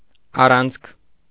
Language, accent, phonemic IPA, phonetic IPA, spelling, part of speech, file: Armenian, Eastern Armenian, /ɑˈrɑnt͡sʰkʰ/, [ɑrɑ́nt͡sʰkʰ], առանցք, noun, Hy-առանցք.ogg
- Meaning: 1. axis 2. pivot; axle 3. pivot, central point